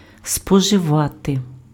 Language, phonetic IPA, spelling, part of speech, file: Ukrainian, [spɔʒeˈʋate], споживати, verb, Uk-споживати.ogg
- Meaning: to consume